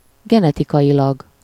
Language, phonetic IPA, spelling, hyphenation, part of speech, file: Hungarian, [ˈɡɛnɛtikɒjilɒɡ], genetikailag, ge‧ne‧ti‧ka‧i‧lag, adverb, Hu-genetikailag.ogg
- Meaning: genetically